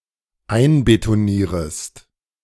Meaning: second-person singular dependent subjunctive I of einbetonieren
- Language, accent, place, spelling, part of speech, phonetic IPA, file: German, Germany, Berlin, einbetonierest, verb, [ˈaɪ̯nbetoˌniːʁəst], De-einbetonierest.ogg